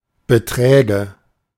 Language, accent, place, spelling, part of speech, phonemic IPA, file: German, Germany, Berlin, Beträge, noun, /bəˈtʁɛːɡə/, De-Beträge.ogg
- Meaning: nominative/accusative/genitive plural of Betrag